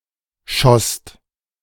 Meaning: second-person singular/plural preterite of schießen
- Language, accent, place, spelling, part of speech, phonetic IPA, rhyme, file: German, Germany, Berlin, schosst, verb, [ʃɔst], -ɔst, De-schosst.ogg